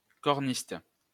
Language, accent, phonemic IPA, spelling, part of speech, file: French, France, /kɔʁ.nist/, corniste, noun, LL-Q150 (fra)-corniste.wav
- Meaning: hornist (person who plays the horn)